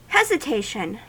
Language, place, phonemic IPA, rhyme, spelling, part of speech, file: English, California, /ˌhɛzɪˈteɪʃən/, -eɪʃən, hesitation, noun, En-us-hesitation.ogg
- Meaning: 1. An act of hesitating 2. Doubt; vacillation 3. A faltering in speech; stammering